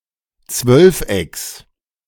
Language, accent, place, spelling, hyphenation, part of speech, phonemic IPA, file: German, Germany, Berlin, Zwölfecks, Zwölf‧ecks, noun, /ˈt͡svœlfˌ.ɛks/, De-Zwölfecks.ogg
- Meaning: genitive singular of Zwölfeck